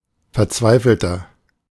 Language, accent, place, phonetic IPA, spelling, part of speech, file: German, Germany, Berlin, [fɛɐ̯ˈt͡svaɪ̯fl̩tɐ], verzweifelter, adjective, De-verzweifelter.ogg
- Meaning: 1. comparative degree of verzweifelt 2. inflection of verzweifelt: strong/mixed nominative masculine singular 3. inflection of verzweifelt: strong genitive/dative feminine singular